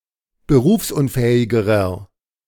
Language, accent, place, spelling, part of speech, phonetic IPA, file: German, Germany, Berlin, berufsunfähigerer, adjective, [bəˈʁuːfsʔʊnˌfɛːɪɡəʁɐ], De-berufsunfähigerer.ogg
- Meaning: inflection of berufsunfähig: 1. strong/mixed nominative masculine singular comparative degree 2. strong genitive/dative feminine singular comparative degree